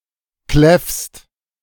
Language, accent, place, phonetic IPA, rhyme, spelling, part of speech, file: German, Germany, Berlin, [klɛfst], -ɛfst, kläffst, verb, De-kläffst.ogg
- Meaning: second-person singular present of kläffen